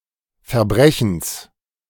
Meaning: genitive singular of Verbrechen
- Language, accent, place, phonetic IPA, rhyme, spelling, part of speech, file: German, Germany, Berlin, [fɛɐ̯ˈbʁɛçn̩s], -ɛçn̩s, Verbrechens, noun, De-Verbrechens.ogg